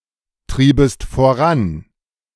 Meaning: second-person singular subjunctive II of vorantreiben
- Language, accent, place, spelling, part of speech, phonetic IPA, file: German, Germany, Berlin, triebest voran, verb, [ˌtʁiːbəst foˈʁan], De-triebest voran.ogg